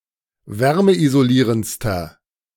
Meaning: inflection of wärmeisolierend: 1. strong/mixed nominative masculine singular superlative degree 2. strong genitive/dative feminine singular superlative degree
- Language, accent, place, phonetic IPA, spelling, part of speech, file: German, Germany, Berlin, [ˈvɛʁməʔizoˌliːʁənt͡stɐ], wärmeisolierendster, adjective, De-wärmeisolierendster.ogg